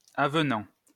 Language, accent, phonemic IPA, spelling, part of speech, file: French, France, /a.v(ə).nɑ̃/, avenant, adjective / noun, LL-Q150 (fra)-avenant.wav
- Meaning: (adjective) 1. affable, likable, appealing 2. comely, fitting; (noun) amendment, rider